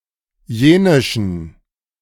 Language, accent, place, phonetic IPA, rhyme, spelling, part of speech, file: German, Germany, Berlin, [ˈjeːnɪʃn̩], -eːnɪʃn̩, jenischen, adjective, De-jenischen.ogg
- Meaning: inflection of jenisch: 1. strong genitive masculine/neuter singular 2. weak/mixed genitive/dative all-gender singular 3. strong/weak/mixed accusative masculine singular 4. strong dative plural